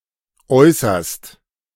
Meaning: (adverb) 1. utmostly, extremely 2. as the last and least favoured possibility; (verb) second-person singular present of äußern
- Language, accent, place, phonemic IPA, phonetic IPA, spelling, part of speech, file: German, Germany, Berlin, /ˈɔʏ̯sɐst/, [ˈʔɔʏ̯sɐst], äußerst, adverb / verb, De-äußerst.ogg